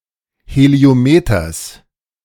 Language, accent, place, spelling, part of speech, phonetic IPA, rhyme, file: German, Germany, Berlin, Heliometers, noun, [heli̯oˈmeːtɐs], -eːtɐs, De-Heliometers.ogg
- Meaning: genitive singular of Heliometer